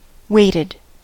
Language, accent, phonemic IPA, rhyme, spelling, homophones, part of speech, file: English, US, /ˈweɪ.tɪd/, -eɪtɪd, waited, weighted, verb, En-us-waited.ogg
- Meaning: simple past and past participle of wait